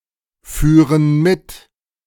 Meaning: first/third-person plural subjunctive II of mitfahren
- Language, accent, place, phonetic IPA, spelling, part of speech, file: German, Germany, Berlin, [ˌfyːʁən ˈmɪt], führen mit, verb, De-führen mit.ogg